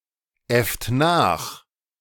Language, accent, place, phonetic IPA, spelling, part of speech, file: German, Germany, Berlin, [ˌɛft ˈnaːx], äfft nach, verb, De-äfft nach.ogg
- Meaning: inflection of nachäffen: 1. second-person plural present 2. third-person singular present 3. plural imperative